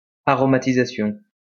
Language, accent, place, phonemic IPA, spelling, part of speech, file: French, France, Lyon, /a.ʁɔ.ma.ti.za.sjɔ̃/, aromatisation, noun, LL-Q150 (fra)-aromatisation.wav
- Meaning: aromatization